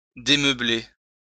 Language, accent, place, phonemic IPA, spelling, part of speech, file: French, France, Lyon, /de.mœ.ble/, démeubler, verb, LL-Q150 (fra)-démeubler.wav
- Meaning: to remove the furniture from (a room etc.); to unfurnish